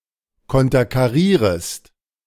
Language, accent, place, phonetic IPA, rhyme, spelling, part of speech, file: German, Germany, Berlin, [ˌkɔntɐkaˈʁiːʁəst], -iːʁəst, konterkarierest, verb, De-konterkarierest.ogg
- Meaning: second-person singular subjunctive I of konterkarieren